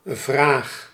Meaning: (noun) 1. question, query 2. question, issue, problem 3. interrogative, question (sentence form formulating a query) 4. demand; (verb) inflection of vragen: first-person singular present indicative
- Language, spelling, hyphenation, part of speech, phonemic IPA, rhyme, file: Dutch, vraag, vraag, noun / verb, /vraːx/, -aːx, Nl-vraag.ogg